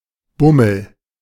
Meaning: stroll (often in town)
- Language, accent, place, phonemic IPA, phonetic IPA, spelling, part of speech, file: German, Germany, Berlin, /ˈbʊməl/, [ˈbʊml̩], Bummel, noun, De-Bummel.ogg